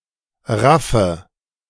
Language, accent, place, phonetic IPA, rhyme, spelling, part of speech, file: German, Germany, Berlin, [ˈʁafə], -afə, raffe, verb, De-raffe.ogg
- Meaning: inflection of raffen: 1. first-person singular present 2. first/third-person singular subjunctive I 3. singular imperative